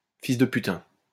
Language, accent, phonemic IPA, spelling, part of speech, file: French, France, /fis də py.tɛ̃/, fils de putain, noun, LL-Q150 (fra)-fils de putain.wav
- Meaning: alternative form of fils de pute